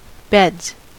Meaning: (noun) plural of bed; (verb) third-person singular simple present indicative of bed
- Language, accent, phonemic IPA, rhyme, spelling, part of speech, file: English, US, /bɛdz/, -ɛdz, beds, noun / verb, En-us-beds.ogg